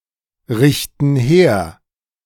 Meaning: inflection of herrichten: 1. first/third-person plural present 2. first/third-person plural subjunctive I
- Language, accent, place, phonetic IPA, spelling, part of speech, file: German, Germany, Berlin, [ˌʁɪçtn̩ ˈheːɐ̯], richten her, verb, De-richten her.ogg